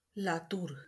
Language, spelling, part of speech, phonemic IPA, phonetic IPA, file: Marathi, लातूर, proper noun, /la.t̪uɾ/, [la.t̪uːɾ], LL-Q1571 (mar)-लातूर.wav
- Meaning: 1. Latur, Lattaluru (a city in Marathwada, Maharashtra, India) 2. Latur (a district of Maharashtra, India)